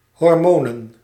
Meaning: plural of hormoon
- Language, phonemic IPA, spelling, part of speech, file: Dutch, /hɔrˈmonə(n)/, hormonen, noun, Nl-hormonen.ogg